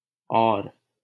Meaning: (adjective) other, different; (adverb) more; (conjunction) and
- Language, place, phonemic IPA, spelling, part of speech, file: Hindi, Delhi, /ɔːɾ/, और, adjective / adverb / conjunction, LL-Q1568 (hin)-और.wav